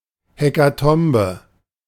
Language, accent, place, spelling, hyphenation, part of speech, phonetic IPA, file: German, Germany, Berlin, Hekatombe, He‧ka‧tom‧be, noun, [hekaˈtɔmbə], De-Hekatombe.ogg
- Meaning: hecatomb